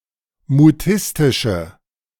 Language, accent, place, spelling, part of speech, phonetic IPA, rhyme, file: German, Germany, Berlin, mutistische, adjective, [muˈtɪstɪʃə], -ɪstɪʃə, De-mutistische.ogg
- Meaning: inflection of mutistisch: 1. strong/mixed nominative/accusative feminine singular 2. strong nominative/accusative plural 3. weak nominative all-gender singular